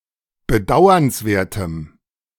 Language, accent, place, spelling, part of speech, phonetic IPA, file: German, Germany, Berlin, bedauernswertem, adjective, [bəˈdaʊ̯ɐnsˌveːɐ̯təm], De-bedauernswertem.ogg
- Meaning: strong dative masculine/neuter singular of bedauernswert